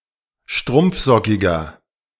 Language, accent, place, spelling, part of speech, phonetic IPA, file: German, Germany, Berlin, strumpfsockiger, adjective, [ˈʃtʁʊmp͡fˌzɔkɪɡɐ], De-strumpfsockiger.ogg
- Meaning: inflection of strumpfsockig: 1. strong/mixed nominative masculine singular 2. strong genitive/dative feminine singular 3. strong genitive plural